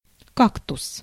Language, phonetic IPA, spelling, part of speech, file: Russian, [ˈkaktʊs], кактус, noun, Ru-кактус.ogg
- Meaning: cactus